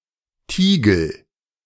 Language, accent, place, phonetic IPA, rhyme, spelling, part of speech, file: German, Germany, Berlin, [ˈtiːɡl̩], -iːɡl̩, Tiegel, noun, De-Tiegel.ogg
- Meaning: crucible